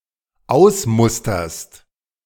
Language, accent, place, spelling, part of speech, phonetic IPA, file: German, Germany, Berlin, ausmusterst, verb, [ˈaʊ̯sˌmʊstɐst], De-ausmusterst.ogg
- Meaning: second-person singular dependent present of ausmustern